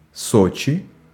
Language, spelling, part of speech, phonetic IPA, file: Russian, Сочи, proper noun, [ˈsot͡ɕɪ], Ru-Сочи.ogg
- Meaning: Sochi (a city in Krasnodar Krai, Russia, which hosted the 2014 Winter Olympics)